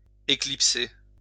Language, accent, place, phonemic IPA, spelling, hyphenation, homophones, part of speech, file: French, France, Lyon, /e.klip.se/, éclipser, é‧clip‧ser, éclipsai / éclipsé / éclipsée / éclipsées / éclipsés, verb, LL-Q150 (fra)-éclipser.wav
- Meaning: 1. to eclipse 2. to eclipse, to overshadow, to surpass 3. to slip away, to escape